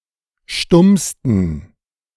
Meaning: 1. superlative degree of stumm 2. inflection of stumm: strong genitive masculine/neuter singular superlative degree
- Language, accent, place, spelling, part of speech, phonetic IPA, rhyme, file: German, Germany, Berlin, stummsten, adjective, [ˈʃtʊmstn̩], -ʊmstn̩, De-stummsten.ogg